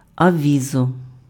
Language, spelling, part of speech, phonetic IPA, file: Ukrainian, авізо, noun, [ɐˈʋʲizɔ], Uk-авізо.ogg
- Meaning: aviso, note, notice